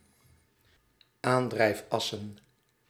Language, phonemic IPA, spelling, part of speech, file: Dutch, /ˈandrɛifˌɑsə(n)/, aandrijfassen, noun, Nl-aandrijfassen.ogg
- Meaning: plural of aandrijfas